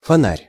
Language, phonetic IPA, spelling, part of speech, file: Russian, [fɐˈnarʲ], фонарь, noun, Ru-фонарь.ogg
- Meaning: 1. lantern, streetlight, streetlamp 2. flashlight, electric torch, pocket lamp 3. taillight, taillamp 4. shiner, black eye 5. canopy